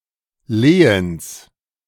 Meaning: genitive singular of Lehen
- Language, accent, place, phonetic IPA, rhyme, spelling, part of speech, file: German, Germany, Berlin, [ˈleːəns], -eːəns, Lehens, noun, De-Lehens.ogg